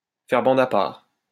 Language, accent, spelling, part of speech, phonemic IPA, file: French, France, faire bande à part, verb, /fɛʁ bɑ̃d a paʁ/, LL-Q150 (fra)-faire bande à part.wav
- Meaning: to keep to oneself, not to join in; to form a separate group